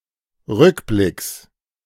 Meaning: genitive singular of Rückblick
- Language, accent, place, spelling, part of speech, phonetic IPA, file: German, Germany, Berlin, Rückblicks, noun, [ˈʁʏkˌblɪks], De-Rückblicks.ogg